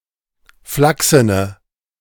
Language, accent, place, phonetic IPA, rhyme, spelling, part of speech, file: German, Germany, Berlin, [ˈflaksənə], -aksənə, flachsene, adjective, De-flachsene.ogg
- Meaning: inflection of flachsen: 1. strong/mixed nominative/accusative feminine singular 2. strong nominative/accusative plural 3. weak nominative all-gender singular